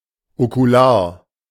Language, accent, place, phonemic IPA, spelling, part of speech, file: German, Germany, Berlin, /okuˈlaːɐ̯/, okular, adjective, De-okular.ogg
- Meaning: ocular (relating to the eye)